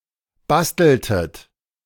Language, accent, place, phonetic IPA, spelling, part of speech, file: German, Germany, Berlin, [ˈbastl̩tət], basteltet, verb, De-basteltet.ogg
- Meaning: inflection of basteln: 1. second-person plural preterite 2. second-person plural subjunctive II